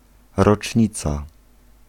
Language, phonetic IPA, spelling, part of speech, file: Polish, [rɔt͡ʃʲˈɲit͡sa], rocznica, noun, Pl-rocznica.ogg